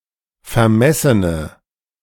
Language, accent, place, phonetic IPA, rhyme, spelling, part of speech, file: German, Germany, Berlin, [fɛɐ̯ˈmɛsənə], -ɛsənə, vermessene, adjective, De-vermessene.ogg
- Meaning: inflection of vermessen: 1. strong/mixed nominative/accusative feminine singular 2. strong nominative/accusative plural 3. weak nominative all-gender singular